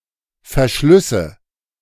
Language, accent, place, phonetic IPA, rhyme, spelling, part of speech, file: German, Germany, Berlin, [fɛɐ̯ˈʃlʏsə], -ʏsə, Verschlüsse, noun, De-Verschlüsse.ogg
- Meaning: nominative/accusative/genitive plural of Verschluss